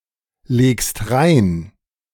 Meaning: second-person singular present of reinlegen
- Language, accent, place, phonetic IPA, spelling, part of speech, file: German, Germany, Berlin, [ˌleːkst ˈʁaɪ̯n], legst rein, verb, De-legst rein.ogg